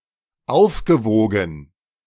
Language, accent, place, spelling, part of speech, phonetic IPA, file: German, Germany, Berlin, aufgewogen, verb, [ˈaʊ̯fɡəˌvoːɡn̩], De-aufgewogen.ogg
- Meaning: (verb) past participle of aufwiegen; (adjective) offset (compensated for)